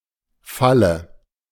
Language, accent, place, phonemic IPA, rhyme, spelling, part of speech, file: German, Germany, Berlin, /ˈfalə/, -alə, Falle, noun, De-Falle.ogg
- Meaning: 1. trap, snare 2. spring latch 3. bed 4. dative singular of Fall